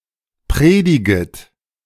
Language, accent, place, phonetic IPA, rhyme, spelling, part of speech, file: German, Germany, Berlin, [ˈpʁeːdɪɡət], -eːdɪɡət, prediget, verb, De-prediget.ogg
- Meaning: second-person plural subjunctive I of predigen